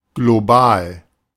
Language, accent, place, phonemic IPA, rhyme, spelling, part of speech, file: German, Germany, Berlin, /ɡloˈbaːl/, -aːl, global, adjective, De-global.ogg
- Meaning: global (worldwide)